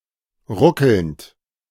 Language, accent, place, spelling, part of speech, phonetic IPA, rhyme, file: German, Germany, Berlin, ruckelnd, verb, [ˈʁʊkl̩nt], -ʊkl̩nt, De-ruckelnd.ogg
- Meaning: present participle of ruckeln